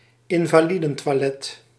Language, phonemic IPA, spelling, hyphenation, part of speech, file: Dutch, /ɪn.vaːˈli.də(n).tʋaːˌlɛt/, invalidentoilet, in‧va‧li‧den‧toi‧let, noun, Nl-invalidentoilet.ogg
- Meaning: synonym of gehandicaptentoilet